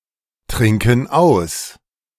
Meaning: inflection of austrinken: 1. first/third-person plural present 2. first/third-person plural subjunctive I
- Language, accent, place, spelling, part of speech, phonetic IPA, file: German, Germany, Berlin, trinken aus, verb, [ˌtʁɪŋkn̩ ˈaʊ̯s], De-trinken aus.ogg